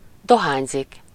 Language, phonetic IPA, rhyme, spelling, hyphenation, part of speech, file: Hungarian, [ˈdoɦaːɲzik], -aːɲzik, dohányzik, do‧hány‧zik, verb, Hu-dohányzik.ogg
- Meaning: to smoke (e.g., a cigarette)